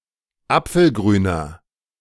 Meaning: inflection of apfelgrün: 1. strong/mixed nominative masculine singular 2. strong genitive/dative feminine singular 3. strong genitive plural
- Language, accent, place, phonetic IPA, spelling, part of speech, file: German, Germany, Berlin, [ˈap͡fl̩ˌɡʁyːnɐ], apfelgrüner, adjective, De-apfelgrüner.ogg